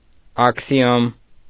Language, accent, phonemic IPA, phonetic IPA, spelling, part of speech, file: Armenian, Eastern Armenian, /ɑkʰsiˈjom/, [ɑkʰsijóm], աքսիոմ, noun, Hy-աքսիոմ.ogg
- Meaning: axiom